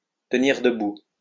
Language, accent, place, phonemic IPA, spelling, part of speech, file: French, France, Lyon, /tə.niʁ də.bu/, tenir debout, verb, LL-Q150 (fra)-tenir debout.wav
- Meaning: to hold water, to be valid, to make sense